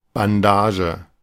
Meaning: bandage
- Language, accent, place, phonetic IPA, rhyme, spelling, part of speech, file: German, Germany, Berlin, [banˈdaːʒə], -aːʒə, Bandage, noun, De-Bandage.ogg